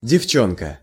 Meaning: 1. girl 2. gal, girl, inexperienced woman
- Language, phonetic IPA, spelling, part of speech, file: Russian, [dʲɪfˈt͡ɕɵnkə], девчонка, noun, Ru-девчонка.ogg